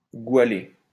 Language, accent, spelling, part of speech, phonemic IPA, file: French, France, goualer, verb, /ɡwa.le/, LL-Q150 (fra)-goualer.wav
- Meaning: to chant